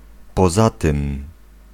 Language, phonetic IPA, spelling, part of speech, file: Polish, [pɔˈza‿tɨ̃m], poza tym, phrase, Pl-poza tym.ogg